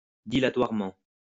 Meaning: dilatorily
- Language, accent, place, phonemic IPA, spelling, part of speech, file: French, France, Lyon, /di.la.twaʁ.mɑ̃/, dilatoirement, adverb, LL-Q150 (fra)-dilatoirement.wav